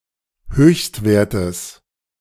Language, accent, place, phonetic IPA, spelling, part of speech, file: German, Germany, Berlin, [ˈhøːçstˌveːɐ̯təs], Höchstwertes, noun, De-Höchstwertes.ogg
- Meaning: genitive singular of Höchstwert